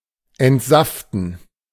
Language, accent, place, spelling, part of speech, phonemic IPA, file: German, Germany, Berlin, entsaften, verb, /ɛntˈzaftən/, De-entsaften.ogg
- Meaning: to juice, to extract the juice of